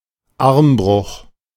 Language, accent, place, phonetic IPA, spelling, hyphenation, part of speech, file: German, Germany, Berlin, [ˈaʁmˌbʁʊx], Armbruch, Arm‧bruch, noun, De-Armbruch.ogg
- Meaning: arm fracture